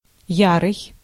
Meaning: 1. ardent 2. violent, furious, vehement 3. spring, summer 4. this year's
- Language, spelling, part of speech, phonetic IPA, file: Russian, ярый, adjective, [ˈjarɨj], Ru-ярый.ogg